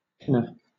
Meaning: 1. Agent noun of pin; one who pins 2. A headdress like a cap, with long lappets 3. A cloth band for a gown 4. One who pins or impounds cattle; a pinder
- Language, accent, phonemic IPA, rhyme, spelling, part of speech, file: English, Southern England, /ˈpɪnə(ɹ)/, -ɪnə(ɹ), pinner, noun, LL-Q1860 (eng)-pinner.wav